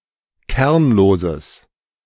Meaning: strong/mixed nominative/accusative neuter singular of kernlos
- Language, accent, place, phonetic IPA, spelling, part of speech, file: German, Germany, Berlin, [ˈkɛʁnloːzəs], kernloses, adjective, De-kernloses.ogg